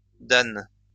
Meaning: dan
- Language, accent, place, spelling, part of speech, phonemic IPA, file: French, France, Lyon, dan, noun, /dan/, LL-Q150 (fra)-dan.wav